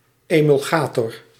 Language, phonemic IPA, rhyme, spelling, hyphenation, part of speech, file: Dutch, /ˌeː.mʏlˈɣaː.tɔr/, -aːtɔr, emulgator, emul‧ga‧tor, noun, Nl-emulgator.ogg
- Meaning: emulsifier